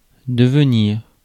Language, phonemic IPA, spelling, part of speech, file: French, /də.v(ə).niʁ/, devenir, noun / verb, Fr-devenir.ogg
- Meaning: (noun) future; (verb) 1. to become 2. to come from